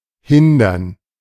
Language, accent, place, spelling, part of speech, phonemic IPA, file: German, Germany, Berlin, hindern, verb, /ˈhɪndɐn/, De-hindern.ogg
- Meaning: 1. to impede, hinder 2. to prevent